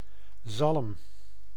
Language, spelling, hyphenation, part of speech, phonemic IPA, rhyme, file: Dutch, zalm, zalm, noun, /zɑlm/, -ɑlm, Nl-zalm.ogg
- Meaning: salmon